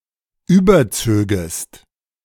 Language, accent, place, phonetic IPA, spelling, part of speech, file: German, Germany, Berlin, [ˈyːbɐˌt͡søːɡəst], überzögest, verb, De-überzögest.ogg
- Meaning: second-person singular subjunctive II of überziehen